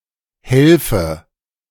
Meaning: inflection of helfen: 1. first-person singular present 2. first/third-person singular subjunctive I
- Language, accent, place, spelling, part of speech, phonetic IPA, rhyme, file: German, Germany, Berlin, helfe, verb, [ˈhɛlfə], -ɛlfə, De-helfe.ogg